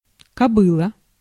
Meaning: 1. mare 2. A fat woman
- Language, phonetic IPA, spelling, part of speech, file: Russian, [kɐˈbɨɫə], кобыла, noun, Ru-кобыла.ogg